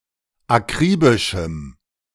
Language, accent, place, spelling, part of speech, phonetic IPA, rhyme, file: German, Germany, Berlin, akribischem, adjective, [aˈkʁiːbɪʃm̩], -iːbɪʃm̩, De-akribischem.ogg
- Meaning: strong dative masculine/neuter singular of akribisch